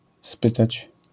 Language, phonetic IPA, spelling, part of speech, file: Polish, [ˈspɨtat͡ɕ], spytać, verb, LL-Q809 (pol)-spytać.wav